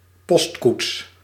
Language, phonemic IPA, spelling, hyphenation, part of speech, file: Dutch, /ˈpɔst.kuts/, postkoets, post‧koets, noun, Nl-postkoets.ogg
- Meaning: a mailcoach, a stage-coach